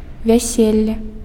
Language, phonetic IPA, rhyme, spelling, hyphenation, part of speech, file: Belarusian, [vʲaˈsʲelʲːe], -elʲːe, вяселле, вя‧сел‧ле, noun, Be-вяселле.ogg
- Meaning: wedding (marriage ceremony)